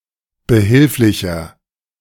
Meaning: 1. comparative degree of behilflich 2. inflection of behilflich: strong/mixed nominative masculine singular 3. inflection of behilflich: strong genitive/dative feminine singular
- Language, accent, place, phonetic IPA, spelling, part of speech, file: German, Germany, Berlin, [bəˈhɪlflɪçɐ], behilflicher, adjective, De-behilflicher.ogg